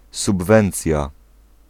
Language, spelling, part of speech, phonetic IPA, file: Polish, subwencja, noun, [subˈvɛ̃nt͡sʲja], Pl-subwencja.ogg